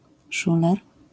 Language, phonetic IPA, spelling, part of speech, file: Polish, [ˈʃulɛr], szuler, noun, LL-Q809 (pol)-szuler.wav